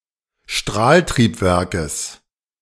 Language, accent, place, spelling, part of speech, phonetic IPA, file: German, Germany, Berlin, Strahltriebwerkes, noun, [ˈʃtʁaːltʁiːpˌvɛʁkəs], De-Strahltriebwerkes.ogg
- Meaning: genitive singular of Strahltriebwerk